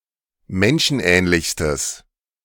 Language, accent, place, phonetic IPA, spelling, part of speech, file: German, Germany, Berlin, [ˈmɛnʃn̩ˌʔɛːnlɪçstəs], menschenähnlichstes, adjective, De-menschenähnlichstes.ogg
- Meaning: strong/mixed nominative/accusative neuter singular superlative degree of menschenähnlich